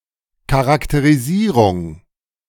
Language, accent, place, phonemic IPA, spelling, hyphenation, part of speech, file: German, Germany, Berlin, /ˌkaʁakteʁiˈziːʁʊŋ/, Charakterisierung, Cha‧rak‧te‧ri‧sie‧rung, noun, De-Charakterisierung.ogg
- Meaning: characterization